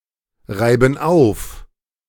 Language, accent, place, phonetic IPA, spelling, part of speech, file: German, Germany, Berlin, [ˌʁaɪ̯bn̩ ˈaʊ̯f], reiben auf, verb, De-reiben auf.ogg
- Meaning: inflection of aufreiben: 1. first/third-person plural present 2. first/third-person plural subjunctive I